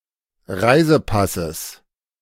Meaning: genitive singular of Reisepass
- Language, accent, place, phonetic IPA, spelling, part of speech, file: German, Germany, Berlin, [ˈʁaɪ̯zəˌpasəs], Reisepasses, noun, De-Reisepasses.ogg